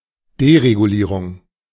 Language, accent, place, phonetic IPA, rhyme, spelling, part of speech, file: German, Germany, Berlin, [deʁeɡuˈliːʁʊŋ], -iːʁʊŋ, Deregulierung, noun, De-Deregulierung.ogg
- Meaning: deregulation